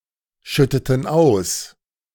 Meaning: inflection of ausschütten: 1. first/third-person plural preterite 2. first/third-person plural subjunctive II
- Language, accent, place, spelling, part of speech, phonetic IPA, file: German, Germany, Berlin, schütteten aus, verb, [ˌʃʏtətn̩ ˈaʊ̯s], De-schütteten aus.ogg